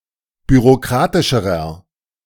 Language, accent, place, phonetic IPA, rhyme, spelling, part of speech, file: German, Germany, Berlin, [byʁoˈkʁaːtɪʃəʁɐ], -aːtɪʃəʁɐ, bürokratischerer, adjective, De-bürokratischerer.ogg
- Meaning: inflection of bürokratisch: 1. strong/mixed nominative masculine singular comparative degree 2. strong genitive/dative feminine singular comparative degree 3. strong genitive plural comparative degree